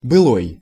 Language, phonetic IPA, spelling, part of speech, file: Russian, [bɨˈɫoj], былой, adjective, Ru-былой.ogg
- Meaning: bygone, former